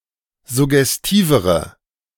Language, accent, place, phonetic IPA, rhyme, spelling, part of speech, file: German, Germany, Berlin, [zʊɡɛsˈtiːvəʁə], -iːvəʁə, suggestivere, adjective, De-suggestivere.ogg
- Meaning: inflection of suggestiv: 1. strong/mixed nominative/accusative feminine singular comparative degree 2. strong nominative/accusative plural comparative degree